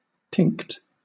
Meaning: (noun) A tint or colour; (verb) to tint, tinge or colour; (adjective) tinged or lightly coloured; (noun) Abbreviation of tincture
- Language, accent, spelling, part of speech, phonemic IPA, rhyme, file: English, Southern England, tinct, noun / verb / adjective, /tɪŋkt/, -ɪŋkt, LL-Q1860 (eng)-tinct.wav